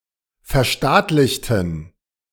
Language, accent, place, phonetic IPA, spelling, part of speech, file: German, Germany, Berlin, [fɛɐ̯ˈʃtaːtlɪçtn̩], verstaatlichten, adjective / verb, De-verstaatlichten.ogg
- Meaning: inflection of verstaatlichen: 1. first/third-person plural preterite 2. first/third-person plural subjunctive II